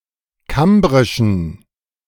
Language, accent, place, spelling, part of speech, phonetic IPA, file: German, Germany, Berlin, kambrischen, adjective, [ˈkambʁɪʃn̩], De-kambrischen.ogg
- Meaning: inflection of kambrisch: 1. strong genitive masculine/neuter singular 2. weak/mixed genitive/dative all-gender singular 3. strong/weak/mixed accusative masculine singular 4. strong dative plural